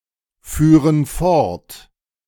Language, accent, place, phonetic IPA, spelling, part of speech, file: German, Germany, Berlin, [ˌfyːʁən ˈfɔʁt], führen fort, verb, De-führen fort.ogg
- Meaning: first/third-person plural subjunctive II of fortfahren